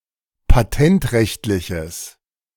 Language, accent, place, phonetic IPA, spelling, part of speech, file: German, Germany, Berlin, [paˈtɛntˌʁɛçtlɪçəs], patentrechtliches, adjective, De-patentrechtliches.ogg
- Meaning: strong/mixed nominative/accusative neuter singular of patentrechtlich